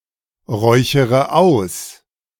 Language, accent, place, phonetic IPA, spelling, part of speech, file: German, Germany, Berlin, [ˌʁɔɪ̯çəʁə ˈaʊ̯s], räuchere aus, verb, De-räuchere aus.ogg
- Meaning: inflection of ausräuchern: 1. first-person singular present 2. first/third-person singular subjunctive I 3. singular imperative